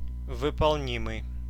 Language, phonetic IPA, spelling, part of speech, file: Russian, [vɨpɐɫˈnʲimɨj], выполнимый, adjective, Ru-выполнимый.ogg
- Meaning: feasible